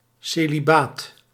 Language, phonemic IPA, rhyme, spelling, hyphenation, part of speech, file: Dutch, /ˌseː.liˈbaːt/, -aːt, celibaat, ce‧li‧baat, noun, Nl-celibaat.ogg
- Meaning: celibacy